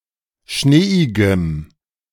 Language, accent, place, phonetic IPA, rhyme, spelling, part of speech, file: German, Germany, Berlin, [ˈʃneːɪɡəm], -eːɪɡəm, schneeigem, adjective, De-schneeigem.ogg
- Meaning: strong dative masculine/neuter singular of schneeig